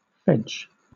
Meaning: A fence made up of living plants, especially willow, thus somewhat resembling a hedge
- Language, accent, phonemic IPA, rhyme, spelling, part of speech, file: English, Southern England, /fɛd͡ʒ/, -ɛdʒ, fedge, noun, LL-Q1860 (eng)-fedge.wav